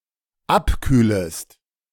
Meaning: second-person singular dependent subjunctive I of abkühlen
- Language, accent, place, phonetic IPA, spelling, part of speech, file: German, Germany, Berlin, [ˈapˌkyːləst], abkühlest, verb, De-abkühlest.ogg